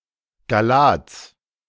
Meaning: genitive singular of Gallat
- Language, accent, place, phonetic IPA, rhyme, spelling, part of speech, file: German, Germany, Berlin, [ɡaˈlaːt͡s], -aːt͡s, Gallats, noun, De-Gallats.ogg